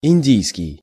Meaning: Indian, Hindu, East Indian (relating to India or the East Indians)
- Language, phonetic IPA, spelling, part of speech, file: Russian, [ɪnʲˈdʲijskʲɪj], индийский, adjective, Ru-индийский.ogg